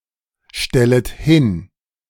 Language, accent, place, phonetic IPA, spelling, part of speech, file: German, Germany, Berlin, [ˌʃtɛlət ˈhɪn], stellet hin, verb, De-stellet hin.ogg
- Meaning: second-person plural subjunctive I of hinstellen